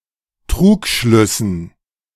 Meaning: dative plural of Trugschluss
- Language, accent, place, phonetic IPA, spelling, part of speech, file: German, Germany, Berlin, [ˈtʁuːkˌʃlʏsn̩], Trugschlüssen, noun, De-Trugschlüssen.ogg